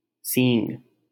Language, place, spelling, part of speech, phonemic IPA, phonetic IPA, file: Hindi, Delhi, सींग, noun, /siːŋɡ/, [sĩːŋɡ], LL-Q1568 (hin)-सींग.wav
- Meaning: horn